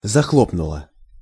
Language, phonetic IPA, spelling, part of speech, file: Russian, [zɐˈxɫopnʊɫə], захлопнула, verb, Ru-захлопнула.ogg
- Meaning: feminine singular past indicative perfective of захло́пнуть (zaxlópnutʹ)